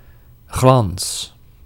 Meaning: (noun) 1. lustre, shine, shimmer, gloss, glistening 2. gloss; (verb) inflection of glanzen: 1. first-person singular present indicative 2. second-person singular present indicative 3. imperative
- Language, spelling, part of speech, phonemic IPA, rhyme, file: Dutch, glans, noun / verb, /ɣlɑns/, -ɑns, Nl-glans.ogg